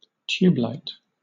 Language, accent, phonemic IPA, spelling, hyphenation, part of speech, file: English, Southern England, /ˈtjuːbˌlaɪt/, tubelight, tube‧light, noun, LL-Q1860 (eng)-tubelight.wav